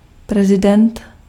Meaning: president
- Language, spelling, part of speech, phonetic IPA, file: Czech, prezident, noun, [ˈprɛzɪdɛnt], Cs-prezident.ogg